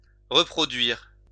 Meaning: 1. to reproduce 2. to recreate 3. to regenerate 4. to reproduce (to produce offspring)
- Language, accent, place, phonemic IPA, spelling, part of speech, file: French, France, Lyon, /ʁə.pʁɔ.dɥiʁ/, reproduire, verb, LL-Q150 (fra)-reproduire.wav